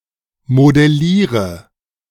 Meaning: inflection of modellieren: 1. first-person singular present 2. singular imperative 3. first/third-person singular subjunctive I
- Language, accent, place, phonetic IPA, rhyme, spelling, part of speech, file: German, Germany, Berlin, [modɛˈliːʁə], -iːʁə, modelliere, verb, De-modelliere.ogg